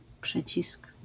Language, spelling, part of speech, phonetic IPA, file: Polish, przycisk, noun, [ˈpʃɨt͡ɕisk], LL-Q809 (pol)-przycisk.wav